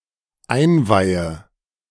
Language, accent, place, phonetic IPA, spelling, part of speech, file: German, Germany, Berlin, [ˈaɪ̯nˌvaɪ̯ə], einweihe, verb, De-einweihe.ogg
- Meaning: inflection of einweihen: 1. first-person singular dependent present 2. first/third-person singular dependent subjunctive I